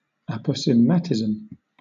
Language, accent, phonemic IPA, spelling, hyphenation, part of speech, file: English, Southern England, /ˌæpə(ʊ)sɪˈmætɪz(ə)m/, aposematism, apo‧se‧mat‧i‧sm, noun, LL-Q1860 (eng)-aposematism.wav
- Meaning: An adaptation, especially a form of coloration, that warns off potential predators